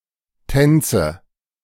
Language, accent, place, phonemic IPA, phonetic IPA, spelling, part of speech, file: German, Germany, Berlin, /ˈtɛnt͡sə/, [ˈtʰɛnt͡sə], Tänze, noun, De-Tänze.ogg
- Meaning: nominative/accusative/genitive plural of Tanz